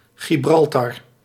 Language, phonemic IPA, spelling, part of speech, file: Dutch, /ɣɪˈbrɑltɑr/, Gibraltar, proper noun, Nl-Gibraltar.ogg
- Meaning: Gibraltar (a peninsula, city, and overseas territory of the United Kingdom, at the southern end of Iberia)